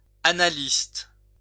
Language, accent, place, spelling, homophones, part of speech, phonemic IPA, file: French, France, Lyon, annaliste, annalistes / analyste / analystes, noun, /a.na.list/, LL-Q150 (fra)-annaliste.wav
- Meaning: annalist